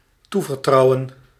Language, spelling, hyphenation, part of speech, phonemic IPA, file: Dutch, toevertrouwen, toe‧ver‧trou‧wen, verb, /ˈtuvərˌtrɑu̯ə(n)/, Nl-toevertrouwen.ogg
- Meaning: to entrust